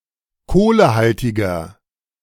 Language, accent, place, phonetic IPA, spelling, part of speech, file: German, Germany, Berlin, [ˈkoːləˌhaltɪɡn̩], kohlehaltigen, adjective, De-kohlehaltigen.ogg
- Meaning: inflection of kohlehaltig: 1. strong genitive masculine/neuter singular 2. weak/mixed genitive/dative all-gender singular 3. strong/weak/mixed accusative masculine singular 4. strong dative plural